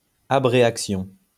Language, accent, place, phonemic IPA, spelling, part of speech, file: French, France, Lyon, /a.bʁe.ak.sjɔ̃/, abréaction, noun, LL-Q150 (fra)-abréaction.wav
- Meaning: abreaction